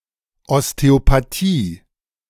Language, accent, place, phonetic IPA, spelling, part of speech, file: German, Germany, Berlin, [ɔsteopaˈtiː], Osteopathie, noun, De-Osteopathie.ogg
- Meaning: osteopathy